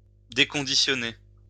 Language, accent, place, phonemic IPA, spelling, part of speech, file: French, France, Lyon, /de.kɔ̃.di.sjɔ.ne/, déconditionner, verb, LL-Q150 (fra)-déconditionner.wav
- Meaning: to decondition